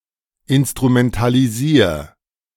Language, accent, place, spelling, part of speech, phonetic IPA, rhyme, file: German, Germany, Berlin, instrumentalisier, verb, [ɪnstʁumɛntaliˈziːɐ̯], -iːɐ̯, De-instrumentalisier.ogg
- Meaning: 1. singular imperative of instrumentalisieren 2. first-person singular present of instrumentalisieren